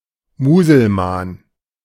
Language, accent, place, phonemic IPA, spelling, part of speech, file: German, Germany, Berlin, /muːzəlˈmaːn/, Muselman, noun, De-Muselman.ogg
- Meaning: Muslim, Mussulman